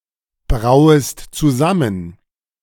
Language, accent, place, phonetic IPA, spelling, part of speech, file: German, Germany, Berlin, [ˌbʁaʊ̯əst t͡suˈzamən], brauest zusammen, verb, De-brauest zusammen.ogg
- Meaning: second-person singular subjunctive I of zusammenbrauen